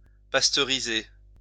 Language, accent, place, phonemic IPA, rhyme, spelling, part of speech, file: French, France, Lyon, /pas.tœ.ʁi.ze/, -e, pasteuriser, verb, LL-Q150 (fra)-pasteuriser.wav
- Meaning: to pasteurise